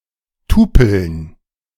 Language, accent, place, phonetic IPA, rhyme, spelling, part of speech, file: German, Germany, Berlin, [ˈtuːpl̩n], -uːpl̩n, Tupeln, noun, De-Tupeln.ogg
- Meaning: dative plural of Tupel